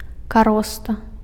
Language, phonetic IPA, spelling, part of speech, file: Belarusian, [kaˈrosta], кароста, noun, Be-кароста.ogg
- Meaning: scab